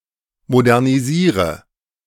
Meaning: inflection of modernisieren: 1. first-person singular present 2. first/third-person singular subjunctive I 3. singular imperative
- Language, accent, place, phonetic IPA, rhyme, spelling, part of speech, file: German, Germany, Berlin, [modɛʁniˈziːʁə], -iːʁə, modernisiere, verb, De-modernisiere.ogg